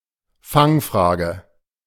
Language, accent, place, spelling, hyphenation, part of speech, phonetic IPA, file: German, Germany, Berlin, Fangfrage, Fang‧fra‧ge, noun, [ˈfaŋˌfʀaːɡə], De-Fangfrage.ogg
- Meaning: trick question